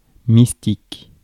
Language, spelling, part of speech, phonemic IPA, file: French, mystique, noun / adjective, /mis.tik/, Fr-mystique.ogg
- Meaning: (noun) mystic, one who practices mysticism; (adjective) mystic, mystical